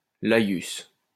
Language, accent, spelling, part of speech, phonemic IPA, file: French, France, laïus, noun, /la.jys/, LL-Q150 (fra)-laïus.wav
- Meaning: a speech or address, especially one that is meaningless, trite, verbose, pat, and/or insincere; ramblings